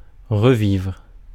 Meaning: 1. to live again; to relive 2. to relive (experience again)
- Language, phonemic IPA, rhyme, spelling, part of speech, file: French, /ʁə.vivʁ/, -ivʁ, revivre, verb, Fr-revivre.ogg